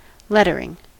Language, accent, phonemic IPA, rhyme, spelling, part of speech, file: English, US, /ˈlɛ.tə.ɹɪŋ/, -ɛtəɹɪŋ, lettering, verb / noun, En-us-lettering.ogg
- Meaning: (verb) present participle and gerund of letter; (noun) 1. Written text, especially when printed 2. Designed text 3. The inking of text onto comic pages during production